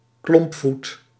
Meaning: clubfoot
- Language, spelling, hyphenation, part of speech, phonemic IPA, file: Dutch, klompvoet, klomp‧voet, noun, /ˈklɔmp.fut/, Nl-klompvoet.ogg